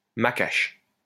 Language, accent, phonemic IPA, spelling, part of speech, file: French, France, /ma.kaʃ/, macache, adverb, LL-Q150 (fra)-macache.wav
- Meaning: 1. none, nothing 2. no, not at all, impossible